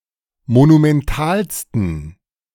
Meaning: 1. superlative degree of monumental 2. inflection of monumental: strong genitive masculine/neuter singular superlative degree
- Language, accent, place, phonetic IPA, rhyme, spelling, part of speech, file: German, Germany, Berlin, [monumɛnˈtaːlstn̩], -aːlstn̩, monumentalsten, adjective, De-monumentalsten.ogg